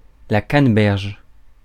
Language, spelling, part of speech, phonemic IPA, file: French, canneberge, noun, /kan.bɛʁʒ/, Fr-canneberge.ogg
- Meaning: cranberry (berry)